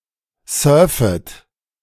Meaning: second-person plural subjunctive I of surfen
- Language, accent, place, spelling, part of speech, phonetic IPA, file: German, Germany, Berlin, surfet, verb, [ˈsœːɐ̯fət], De-surfet.ogg